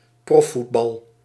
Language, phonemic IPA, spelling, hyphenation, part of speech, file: Dutch, /ˈprɔ(f).futˌbɑl/, profvoetbal, prof‧voet‧bal, noun, Nl-profvoetbal.ogg
- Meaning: professional association football